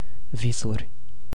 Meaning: plural of vis (“dreams”)
- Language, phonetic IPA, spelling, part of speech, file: Romanian, [ˈvi.surʲ], visuri, noun, Ro-visuri.ogg